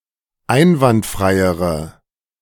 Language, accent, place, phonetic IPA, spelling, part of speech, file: German, Germany, Berlin, [ˈaɪ̯nvantˌfʁaɪ̯əʁə], einwandfreiere, adjective, De-einwandfreiere.ogg
- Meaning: inflection of einwandfrei: 1. strong/mixed nominative/accusative feminine singular comparative degree 2. strong nominative/accusative plural comparative degree